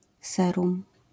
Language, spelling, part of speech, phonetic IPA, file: Polish, serum, noun, [ˈsɛrũm], LL-Q809 (pol)-serum.wav